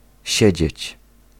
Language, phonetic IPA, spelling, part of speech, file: Polish, [ˈɕɛ̇d͡ʑɛ̇t͡ɕ], siedzieć, verb, Pl-siedzieć.ogg